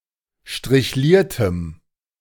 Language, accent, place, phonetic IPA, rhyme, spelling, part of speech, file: German, Germany, Berlin, [ʃtʁɪçˈliːɐ̯təm], -iːɐ̯təm, strichliertem, adjective, De-strichliertem.ogg
- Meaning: strong dative masculine/neuter singular of strichliert